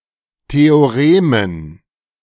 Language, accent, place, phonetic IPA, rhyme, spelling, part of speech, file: German, Germany, Berlin, [ˌteoˈʁeːmən], -eːmən, Theoremen, noun, De-Theoremen.ogg
- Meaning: dative plural of Theorem